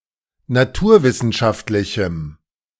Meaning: strong dative masculine/neuter singular of naturwissenschaftlich
- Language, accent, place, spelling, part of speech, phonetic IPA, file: German, Germany, Berlin, naturwissenschaftlichem, adjective, [naˈtuːɐ̯ˌvɪsn̩ʃaftlɪçm̩], De-naturwissenschaftlichem.ogg